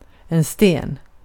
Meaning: 1. a stone; a rock 2. a stone; a rock: a pebble 3. a stone; a rock: a boulder 4. stone; rock
- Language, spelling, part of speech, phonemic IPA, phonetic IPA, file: Swedish, sten, noun, /steːn/, [steꜜɜn], Sv-sten.ogg